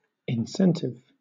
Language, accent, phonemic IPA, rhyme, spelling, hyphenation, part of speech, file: English, Southern England, /ɪnˈsɛntɪv/, -ɛntɪv, incentive, in‧cen‧tive, noun / adjective, LL-Q1860 (eng)-incentive.wav
- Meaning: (noun) 1. Something that motivates, rouses, or encourages 2. A bonus or reward, often monetary, to work harder; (adjective) Inciting; encouraging or moving; rousing to action; stimulating